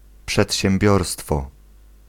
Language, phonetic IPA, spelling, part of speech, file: Polish, [ˌpʃɛtʲɕɛ̃mˈbʲjɔrstfɔ], przedsiębiorstwo, noun, Pl-przedsiębiorstwo.ogg